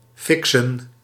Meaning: to fix, to arrange, to get done
- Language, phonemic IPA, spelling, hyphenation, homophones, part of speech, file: Dutch, /ˈfɪksə(n)/, fiksen, fik‧sen, fixen, verb, Nl-fiksen.ogg